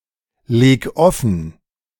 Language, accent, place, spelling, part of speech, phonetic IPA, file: German, Germany, Berlin, leg offen, verb, [ˌleːk ˈɔfn̩], De-leg offen.ogg
- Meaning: 1. singular imperative of offenlegen 2. first-person singular present of offenlegen